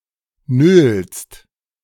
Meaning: second-person singular present of nölen
- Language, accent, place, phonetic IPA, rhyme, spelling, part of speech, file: German, Germany, Berlin, [nøːlst], -øːlst, nölst, verb, De-nölst.ogg